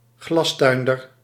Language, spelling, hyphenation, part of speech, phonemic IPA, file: Dutch, glastuinder, glas‧tuin‧der, noun, /ˈɣlɑsˌtœy̯n.dər/, Nl-glastuinder.ogg
- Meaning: a farmer or tiller who operates a greenhouse